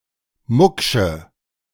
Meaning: inflection of mucksch: 1. strong/mixed nominative/accusative feminine singular 2. strong nominative/accusative plural 3. weak nominative all-gender singular 4. weak accusative feminine/neuter singular
- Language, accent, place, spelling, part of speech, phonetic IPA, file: German, Germany, Berlin, mucksche, adjective, [ˈmʊkʃə], De-mucksche.ogg